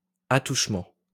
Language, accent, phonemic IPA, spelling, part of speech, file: French, France, /a.tuʃ.mɑ̃/, attouchement, noun, LL-Q150 (fra)-attouchement.wav
- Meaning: 1. touching, fondling, stroking; feel (sexual) 2. tangent point